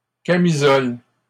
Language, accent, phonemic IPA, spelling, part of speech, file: French, Canada, /ka.mi.zɔl/, camisoles, noun, LL-Q150 (fra)-camisoles.wav
- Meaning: plural of camisole